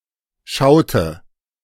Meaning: inflection of schauen: 1. first/third-person singular preterite 2. first/third-person singular subjunctive II
- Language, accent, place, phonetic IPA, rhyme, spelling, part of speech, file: German, Germany, Berlin, [ˈʃaʊ̯tə], -aʊ̯tə, schaute, verb, De-schaute.ogg